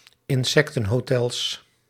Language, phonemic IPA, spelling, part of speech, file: Dutch, /ɪnˈsɛktə(n)hoˌtɛls/, insectenhotels, noun, Nl-insectenhotels.ogg
- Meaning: plural of insectenhotel